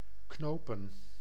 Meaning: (verb) to tie with a knot; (noun) plural of knoop
- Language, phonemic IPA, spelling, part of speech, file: Dutch, /ˈknoːpə(n)/, knopen, verb / noun, Nl-knopen.ogg